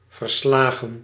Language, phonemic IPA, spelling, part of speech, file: Dutch, /vərˈslaɣə(n)/, verslagen, noun / verb, Nl-verslagen.ogg
- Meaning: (noun) plural of verslag; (verb) past participle of verslaan